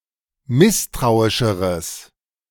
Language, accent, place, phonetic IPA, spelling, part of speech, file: German, Germany, Berlin, [ˈmɪstʁaʊ̯ɪʃəʁəs], misstrauischeres, adjective, De-misstrauischeres.ogg
- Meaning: strong/mixed nominative/accusative neuter singular comparative degree of misstrauisch